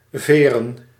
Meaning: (adjective) made of feathers, plumose; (verb) 1. to bounce, reverberate, spring 2. to ferry; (noun) plural of veer
- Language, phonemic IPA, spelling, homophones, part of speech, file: Dutch, /ˈveː.rə(n)/, veren, vere, adjective / verb / noun, Nl-veren.ogg